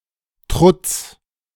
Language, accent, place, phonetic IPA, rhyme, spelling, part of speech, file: German, Germany, Berlin, [tʁʊt͡s], -ʊt͡s, Trutz, noun, De-Trutz.ogg
- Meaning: defence, resistance